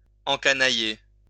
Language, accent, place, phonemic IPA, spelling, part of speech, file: French, France, Lyon, /ɑ̃.ka.na.je/, encanailler, verb, LL-Q150 (fra)-encanailler.wav
- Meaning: to socialise with the riffraff